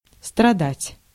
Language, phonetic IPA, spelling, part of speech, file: Russian, [strɐˈdatʲ], страдать, verb, Ru-страдать.ogg
- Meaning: 1. to suffer 2. to be subject to 3. to be poor of quality